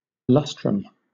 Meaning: 1. A lustration: a ceremonial purification of the people of Rome performed every five years after the census 2. Synonym of quinquennium: Any 5-year period
- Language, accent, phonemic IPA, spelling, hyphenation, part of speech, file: English, Southern England, /ˈlʌstɹəm/, lustrum, lus‧trum, noun, LL-Q1860 (eng)-lustrum.wav